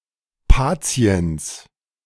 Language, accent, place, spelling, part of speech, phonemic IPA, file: German, Germany, Berlin, Patiens, noun, /ˈpaːt͡si̯ɛns/, De-Patiens.ogg
- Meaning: patient